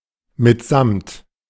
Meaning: together with
- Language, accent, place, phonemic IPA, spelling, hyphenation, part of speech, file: German, Germany, Berlin, /mɪtˈzamt/, mitsamt, mit‧samt, preposition, De-mitsamt.ogg